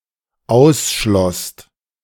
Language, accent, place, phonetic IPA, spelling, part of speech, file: German, Germany, Berlin, [ˈaʊ̯sˌʃlɔst], ausschlosst, verb, De-ausschlosst.ogg
- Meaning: second-person singular/plural dependent preterite of ausschließen